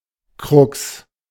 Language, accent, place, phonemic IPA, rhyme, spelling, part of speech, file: German, Germany, Berlin, /kʁʊks/, -ʊks, Crux, noun, De-Crux.ogg
- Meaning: 1. trouble, difficulty, crux 2. grief 3. crux desperationis, an unreadable part in a writing